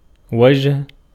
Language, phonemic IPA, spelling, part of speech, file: Arabic, /wa.d͡ʒu.ha/, وجه, verb, Ar-وجه.ogg
- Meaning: 1. to be a man of distinction, to be notable 2. to raise to eminence, to distinguish, to honor 3. to turn one’s face, to turn 4. to head for 5. to send, to dispatch 6. to aim, to direct, to steer